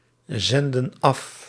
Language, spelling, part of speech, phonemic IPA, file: Dutch, zenden af, verb, /ˈzɛndə(n) ˈɑf/, Nl-zenden af.ogg
- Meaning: inflection of afzenden: 1. plural present indicative 2. plural present subjunctive